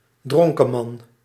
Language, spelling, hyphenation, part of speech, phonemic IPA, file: Dutch, dronkeman, dron‧ke‧man, noun, /ˈdrɔŋ.kəˌmɑn/, Nl-dronkeman.ogg
- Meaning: superseded spelling of dronkenman